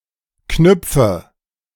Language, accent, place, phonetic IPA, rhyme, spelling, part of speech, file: German, Germany, Berlin, [ˈknʏp͡fə], -ʏp͡fə, knüpfe, verb, De-knüpfe.ogg
- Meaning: inflection of knüpfen: 1. first-person singular present 2. first/third-person singular subjunctive I 3. singular imperative